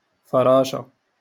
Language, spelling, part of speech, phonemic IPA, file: Moroccan Arabic, فراشة, noun, /fa.raː.ʃa/, LL-Q56426 (ary)-فراشة.wav
- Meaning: butterfly